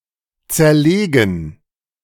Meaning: 1. to dismantle, disassemble, decompose 2. to dismember, dissect 3. to analyze/analyse 4. to get wrecked
- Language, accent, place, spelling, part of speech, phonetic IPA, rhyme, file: German, Germany, Berlin, zerlegen, verb, [ˌt͡sɛɐ̯ˈleːɡn̩], -eːɡn̩, De-zerlegen.ogg